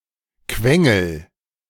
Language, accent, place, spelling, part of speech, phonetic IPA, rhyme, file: German, Germany, Berlin, quengel, verb, [ˈkvɛŋl̩], -ɛŋl̩, De-quengel.ogg
- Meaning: inflection of quengeln: 1. first-person singular present 2. singular imperative